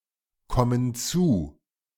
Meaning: inflection of zukommen: 1. first/third-person plural present 2. first/third-person plural subjunctive I
- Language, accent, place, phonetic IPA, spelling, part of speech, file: German, Germany, Berlin, [ˌkɔmən ˈt͡suː], kommen zu, verb, De-kommen zu.ogg